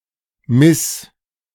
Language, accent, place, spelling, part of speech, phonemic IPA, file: German, Germany, Berlin, Miss, noun, /mɪs/, De-Miss.ogg
- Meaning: 1. Miss (form of address) 2. title for a beauty queen